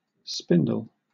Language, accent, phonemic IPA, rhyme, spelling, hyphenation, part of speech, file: English, Southern England, /ˈspɪndəl/, -ɪndəl, spindle, spin‧dle, noun / verb, LL-Q1860 (eng)-spindle.wav